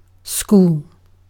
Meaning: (noun) An institution dedicated to teaching and learning; an educational institution
- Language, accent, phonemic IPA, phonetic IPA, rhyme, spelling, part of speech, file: English, Received Pronunciation, /skuːl/, [skuːɫ], -uːl, school, noun / verb, En-uk-school.ogg